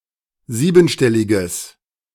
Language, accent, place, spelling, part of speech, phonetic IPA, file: German, Germany, Berlin, siebenstelliges, adjective, [ˈziːbn̩ˌʃtɛlɪɡəs], De-siebenstelliges.ogg
- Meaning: strong/mixed nominative/accusative neuter singular of siebenstellig